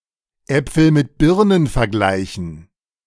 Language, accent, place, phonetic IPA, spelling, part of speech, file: German, Germany, Berlin, [ˈɛp͡fl̩ mɪt ˈbɪʁnən fɛɐ̯ˈɡlaɪ̯çn̩], Äpfel mit Birnen vergleichen, phrase, De-Äpfel mit Birnen vergleichen.ogg
- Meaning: to compare apples and oranges (compare two things that cannot properly be compared)